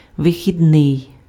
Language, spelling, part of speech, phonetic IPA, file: Ukrainian, вихідний, adjective / noun, [ʋexʲidˈnɪi̯], Uk-вихідний.ogg
- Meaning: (adjective) 1. exit (attributive) 2. leave (attributive), off 3. off, on leave (not at work); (noun) 1. day off 2. weekend